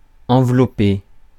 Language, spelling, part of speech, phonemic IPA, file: French, envelopper, verb, /ɑ̃.vlɔ.pe/, Fr-envelopper.ogg
- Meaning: 1. to wrap someone or something, to cover 2. to envelop